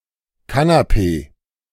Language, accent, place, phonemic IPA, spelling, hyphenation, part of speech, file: German, Germany, Berlin, /ˈkanapeː/, Kanapee, Ka‧na‧pee, noun, De-Kanapee.ogg
- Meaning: 1. canapé; hors d'oeuvre 2. canapé; sofa; couch